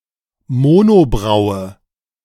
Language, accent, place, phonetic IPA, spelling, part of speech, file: German, Germany, Berlin, [ˈmoːnoˌbʁaʊ̯ə], Monobraue, noun, De-Monobraue.ogg
- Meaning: monobrow; unibrow